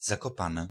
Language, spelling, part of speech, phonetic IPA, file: Polish, Zakopane, proper noun, [ˌzakɔˈpãnɛ], Pl-Zakopane.ogg